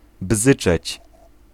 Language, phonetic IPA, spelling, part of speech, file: Polish, [ˈbzɨt͡ʃɛt͡ɕ], bzyczeć, verb, Pl-bzyczeć.ogg